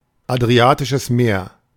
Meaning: synonym of Adria (“Adriatic Sea”)
- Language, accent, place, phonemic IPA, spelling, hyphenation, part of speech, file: German, Germany, Berlin, /adʁiˈaːtɪʃəs ˈmeːɐ̯/, Adriatisches Meer, Adri‧a‧ti‧sches Meer, proper noun, De-Adriatisches Meer.ogg